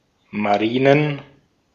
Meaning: plural of Marine
- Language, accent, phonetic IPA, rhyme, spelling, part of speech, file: German, Austria, [maˈʁiːnən], -iːnən, Marinen, noun, De-at-Marinen.ogg